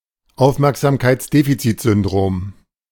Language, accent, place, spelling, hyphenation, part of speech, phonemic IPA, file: German, Germany, Berlin, Aufmerksamkeitsdefizitsyndrom, Auf‧merk‧sam‧keits‧de‧fi‧zit‧syn‧drom, noun, /ˈaʊ̯fmɛʁkzaːmkaɪ̯t͡sˌdefit͡sɪtzʏndʁoːm/, De-Aufmerksamkeitsdefizitsyndrom.ogg
- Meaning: attention deficit disorder